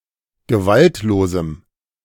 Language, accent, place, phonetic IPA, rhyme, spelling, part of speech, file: German, Germany, Berlin, [ɡəˈvaltloːzm̩], -altloːzm̩, gewaltlosem, adjective, De-gewaltlosem.ogg
- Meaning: strong dative masculine/neuter singular of gewaltlos